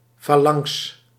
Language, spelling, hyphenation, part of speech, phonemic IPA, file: Dutch, falanx, fa‧lanx, noun, /ˈfaː.lɑŋks/, Nl-falanx.ogg
- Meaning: 1. phalanx (heavy infantry formation) 2. a toe bone or a finger bone; a phalanx